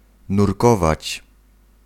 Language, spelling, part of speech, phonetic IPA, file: Polish, nurkować, verb, [nurˈkɔvat͡ɕ], Pl-nurkować.ogg